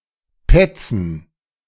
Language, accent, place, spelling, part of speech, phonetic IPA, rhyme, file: German, Germany, Berlin, Petzen, noun, [ˈpɛt͡sn̩], -ɛt͡sn̩, De-Petzen.ogg
- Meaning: 1. gerund of petzen 2. plural of Petze